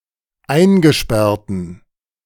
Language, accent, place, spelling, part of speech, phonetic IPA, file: German, Germany, Berlin, eingesperrten, adjective, [ˈaɪ̯nɡəˌʃpɛʁtn̩], De-eingesperrten.ogg
- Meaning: inflection of eingesperrt: 1. strong genitive masculine/neuter singular 2. weak/mixed genitive/dative all-gender singular 3. strong/weak/mixed accusative masculine singular 4. strong dative plural